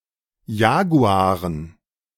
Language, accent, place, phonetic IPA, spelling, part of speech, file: German, Germany, Berlin, [ˈjaːɡuaːʁən], Jaguaren, noun, De-Jaguaren.ogg
- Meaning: dative plural of Jaguar